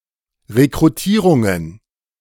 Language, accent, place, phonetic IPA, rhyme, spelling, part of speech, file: German, Germany, Berlin, [ʁekʁuˈtiːʁʊŋən], -iːʁʊŋən, Rekrutierungen, noun, De-Rekrutierungen.ogg
- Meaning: plural of Rekrutierung